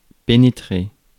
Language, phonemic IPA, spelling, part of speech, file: French, /pe.ne.tʁe/, pénétrer, verb, Fr-pénétrer.ogg
- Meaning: 1. to enter, to get in (to) 2. to penetrate 3. to see through somebody's lies or secret plans 4. to penetrate (to enter sexually; to engage in penetrative sex)